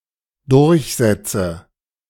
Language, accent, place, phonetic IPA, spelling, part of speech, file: German, Germany, Berlin, [ˈdʊʁçˌzɛt͡sə], durchsetze, verb, De-durchsetze.ogg
- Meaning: inflection of durchsetzen: 1. first-person singular dependent present 2. first/third-person singular dependent subjunctive I